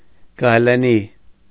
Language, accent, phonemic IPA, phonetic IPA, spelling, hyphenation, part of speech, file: Armenian, Eastern Armenian, /ɡɑjleˈni/, [ɡɑjlení], գայլենի, գայ‧լե‧նի, adjective / noun, Hy-գայլենի.ogg
- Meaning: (adjective) made of wolf's skin/fur; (noun) 1. wolf's skin/fur 2. clothing made of wolf's skin/fur